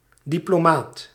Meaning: 1. a diplomat, accredited in diplomacy to formally represent a government or equated political party 2. a diplomatic person, who shows tact and insight
- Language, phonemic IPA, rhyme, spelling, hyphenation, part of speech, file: Dutch, /ˌdi.ploːˈmaːt/, -aːt, diplomaat, di‧plo‧maat, noun, Nl-diplomaat.ogg